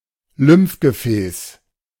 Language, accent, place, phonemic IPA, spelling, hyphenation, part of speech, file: German, Germany, Berlin, /ˈlʏmfɡəˌfɛːs/, Lymphgefäß, Lymph‧ge‧fäß, noun, De-Lymphgefäß.ogg
- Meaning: lymph vessel